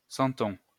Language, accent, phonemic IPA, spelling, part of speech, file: French, France, /sɑ̃.tɔ̃/, centon, noun, LL-Q150 (fra)-centon.wav
- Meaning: 1. cento 2. motley